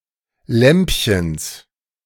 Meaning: genitive singular of Lämpchen
- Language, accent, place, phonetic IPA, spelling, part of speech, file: German, Germany, Berlin, [ˈlɛmpçəns], Lämpchens, noun, De-Lämpchens.ogg